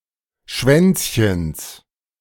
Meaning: genitive of Schwänzchen
- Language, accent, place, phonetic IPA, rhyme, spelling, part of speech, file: German, Germany, Berlin, [ˈʃvɛnt͡sçəns], -ɛnt͡sçəns, Schwänzchens, noun, De-Schwänzchens.ogg